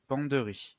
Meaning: wardrobe
- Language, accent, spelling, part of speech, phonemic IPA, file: French, France, penderie, noun, /pɑ̃.dʁi/, LL-Q150 (fra)-penderie.wav